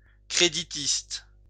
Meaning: 1. a Socred — a member of the Social Credit Party (Ralliement créditiste) 2. a socred — a person who subscribes to social credit (crédit social) political philosophy
- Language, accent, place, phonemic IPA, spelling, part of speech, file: French, France, Lyon, /kʁe.di.tist/, créditiste, noun, LL-Q150 (fra)-créditiste.wav